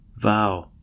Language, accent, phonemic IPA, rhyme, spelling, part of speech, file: English, US, /vaʊ/, -aʊ, vow, noun / verb, En-us-vow.ogg
- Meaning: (noun) 1. A solemn promise to perform some act, or behave in a specified manner, especially a promise to live and act in accordance with the rules of a religious order 2. A declaration or assertion